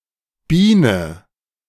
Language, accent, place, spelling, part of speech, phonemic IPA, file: German, Germany, Berlin, Biene, noun, /ˈbiːnə/, De-Biene.ogg
- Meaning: 1. bee 2. chick, babe, bird (cute, sexy woman)